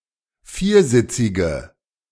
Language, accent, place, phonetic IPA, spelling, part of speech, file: German, Germany, Berlin, [ˈfiːɐ̯ˌzɪt͡sɪɡə], viersitzige, adjective, De-viersitzige.ogg
- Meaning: inflection of viersitzig: 1. strong/mixed nominative/accusative feminine singular 2. strong nominative/accusative plural 3. weak nominative all-gender singular